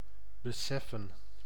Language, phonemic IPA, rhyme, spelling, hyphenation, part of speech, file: Dutch, /bəˈsɛfən/, -ɛfən, beseffen, be‧sef‧fen, verb / noun, Nl-beseffen.ogg
- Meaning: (verb) to realize; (noun) plural of besef